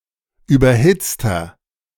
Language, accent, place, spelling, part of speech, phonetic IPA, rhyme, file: German, Germany, Berlin, überhitzter, adjective, [ˌyːbɐˈhɪt͡stɐ], -ɪt͡stɐ, De-überhitzter.ogg
- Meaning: inflection of überhitzt: 1. strong/mixed nominative masculine singular 2. strong genitive/dative feminine singular 3. strong genitive plural